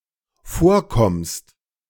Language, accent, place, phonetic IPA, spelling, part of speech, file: German, Germany, Berlin, [ˈfoːɐ̯ˌkɔmst], vorkommst, verb, De-vorkommst.ogg
- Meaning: second-person singular dependent present of vorkommen